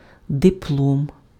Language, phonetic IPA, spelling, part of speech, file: Ukrainian, [deˈpɫɔm], диплом, noun, Uk-диплом.ogg
- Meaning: diploma